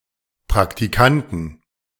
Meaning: inflection of Praktikant: 1. genitive/dative/accusative singular 2. nominative/genitive/dative/accusative plural
- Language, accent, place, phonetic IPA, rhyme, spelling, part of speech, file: German, Germany, Berlin, [pʁaktiˈkantn̩], -antn̩, Praktikanten, noun, De-Praktikanten.ogg